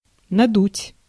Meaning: 1. to inflate, to puff out, to blow up 2. to drift (by wind) 3. to give someone a chill 4. to dupe, to swindle
- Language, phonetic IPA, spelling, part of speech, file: Russian, [nɐˈdutʲ], надуть, verb, Ru-надуть.ogg